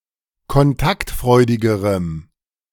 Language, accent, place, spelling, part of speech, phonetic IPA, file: German, Germany, Berlin, kontaktfreudigerem, adjective, [kɔnˈtaktˌfʁɔɪ̯dɪɡəʁəm], De-kontaktfreudigerem.ogg
- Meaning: strong dative masculine/neuter singular comparative degree of kontaktfreudig